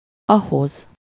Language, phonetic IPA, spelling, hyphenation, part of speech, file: Hungarian, [ˈɒɦoz], ahhoz, ah‧hoz, pronoun, Hu-ahhoz.ogg
- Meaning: allative singular of az